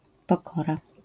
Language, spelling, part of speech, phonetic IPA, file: Polish, pokora, noun, [pɔˈkɔra], LL-Q809 (pol)-pokora.wav